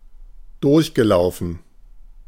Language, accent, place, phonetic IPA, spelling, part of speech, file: German, Germany, Berlin, [ˈdʊʁçɡəˌlaʊ̯fn̩], durchgelaufen, verb, De-durchgelaufen.ogg
- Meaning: past participle of durchlaufen